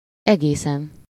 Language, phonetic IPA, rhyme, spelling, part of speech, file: Hungarian, [ˈɛɡeːsɛn], -ɛn, egészen, adverb / adjective / noun, Hu-egészen.ogg
- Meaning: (adverb) entirely, quite, altogether; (adjective) superessive singular of egész